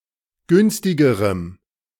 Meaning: strong dative masculine/neuter singular comparative degree of günstig
- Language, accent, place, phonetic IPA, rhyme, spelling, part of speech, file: German, Germany, Berlin, [ˈɡʏnstɪɡəʁəm], -ʏnstɪɡəʁəm, günstigerem, adjective, De-günstigerem.ogg